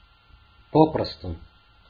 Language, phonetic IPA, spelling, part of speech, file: Russian, [ˈpoprəstʊ], попросту, adverb, Ru-попросту.ogg
- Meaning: 1. simply, merely, just 2. simply (without ceremony or embarrassment, easily) 3. simply. quite simply, plainly (put simply/directly)